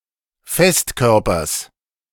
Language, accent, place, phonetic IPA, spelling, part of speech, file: German, Germany, Berlin, [ˈfɛstˌkœʁpɐs], Festkörpers, noun, De-Festkörpers.ogg
- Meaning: genitive singular of Festkörper